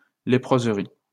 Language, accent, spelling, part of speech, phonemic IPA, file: French, France, léproserie, noun, /le.pʁoz.ʁi/, LL-Q150 (fra)-léproserie.wav
- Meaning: leprosarium